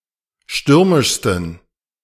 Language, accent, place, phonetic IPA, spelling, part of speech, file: German, Germany, Berlin, [ˈʃtʏʁmɪʃstn̩], stürmischsten, adjective, De-stürmischsten.ogg
- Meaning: 1. superlative degree of stürmisch 2. inflection of stürmisch: strong genitive masculine/neuter singular superlative degree